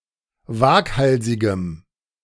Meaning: strong dative masculine/neuter singular of waghalsig
- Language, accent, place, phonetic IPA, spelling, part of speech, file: German, Germany, Berlin, [ˈvaːkˌhalzɪɡəm], waghalsigem, adjective, De-waghalsigem.ogg